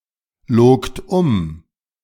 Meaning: second-person plural preterite of umlügen
- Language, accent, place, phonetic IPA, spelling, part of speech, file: German, Germany, Berlin, [ˌloːkt ˈʊm], logt um, verb, De-logt um.ogg